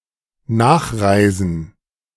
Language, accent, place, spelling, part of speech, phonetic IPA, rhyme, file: German, Germany, Berlin, nachreisen, verb, [ˈnaːxˌʁaɪ̯zn̩], -aːxʁaɪ̯zn̩, De-nachreisen.ogg
- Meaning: to follow someone's travel